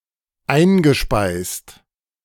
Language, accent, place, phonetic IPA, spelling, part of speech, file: German, Germany, Berlin, [ˈaɪ̯nɡəˌʃpaɪ̯st], eingespeist, verb, De-eingespeist.ogg
- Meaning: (verb) past participle of einspeisen; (adjective) 1. injected 2. fed (into)